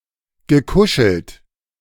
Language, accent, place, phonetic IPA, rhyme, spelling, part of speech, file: German, Germany, Berlin, [ɡəˈkʊʃl̩t], -ʊʃl̩t, gekuschelt, verb, De-gekuschelt.ogg
- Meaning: past participle of kuscheln